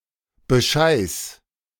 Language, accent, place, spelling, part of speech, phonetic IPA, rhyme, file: German, Germany, Berlin, bescheiß, verb, [bəˈʃaɪ̯s], -aɪ̯s, De-bescheiß.ogg
- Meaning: singular imperative of bescheißen